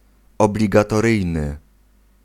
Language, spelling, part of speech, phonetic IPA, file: Polish, obligatoryjny, adjective, [ˌɔblʲiɡatɔˈrɨjnɨ], Pl-obligatoryjny.ogg